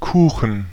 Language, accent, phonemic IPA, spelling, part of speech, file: German, Germany, /ˈkuːxən/, Kuchen, noun / proper noun, De-Kuchen.ogg
- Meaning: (noun) pie; cake; tart (foodstuff made of baked dough, other than bread); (proper noun) a town in Baden-Württemberg, Germany